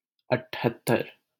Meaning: seventy-eight
- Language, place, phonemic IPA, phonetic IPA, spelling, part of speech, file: Hindi, Delhi, /əʈʰ.ɦət̪.t̪əɾ/, [ɐʈʰ.ɦɐt̪̚.t̪ɐɾ], अठहत्तर, numeral, LL-Q1568 (hin)-अठहत्तर.wav